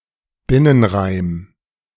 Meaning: internal rhyme
- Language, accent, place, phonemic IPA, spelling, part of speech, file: German, Germany, Berlin, /ˈbɪnənˌʁaɪ̯m/, Binnenreim, noun, De-Binnenreim.ogg